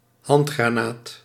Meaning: hand grenade
- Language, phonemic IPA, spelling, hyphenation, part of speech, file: Dutch, /ˈɦɑnt.xraːˌnaːt/, handgranaat, hand‧gra‧naat, noun, Nl-handgranaat.ogg